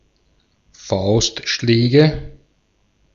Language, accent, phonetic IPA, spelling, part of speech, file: German, Austria, [ˈfaʊ̯stˌʃlɛːɡə], Faustschläge, noun, De-at-Faustschläge.ogg
- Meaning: nominative/accusative/genitive plural of Faustschlag